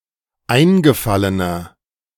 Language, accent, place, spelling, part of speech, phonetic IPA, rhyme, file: German, Germany, Berlin, eingefallener, adjective, [ˈaɪ̯nɡəˌfalənɐ], -aɪ̯nɡəfalənɐ, De-eingefallener.ogg
- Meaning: inflection of eingefallen: 1. strong/mixed nominative masculine singular 2. strong genitive/dative feminine singular 3. strong genitive plural